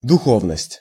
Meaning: spirituality
- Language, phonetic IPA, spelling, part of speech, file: Russian, [dʊˈxovnəsʲtʲ], духовность, noun, Ru-духовность.ogg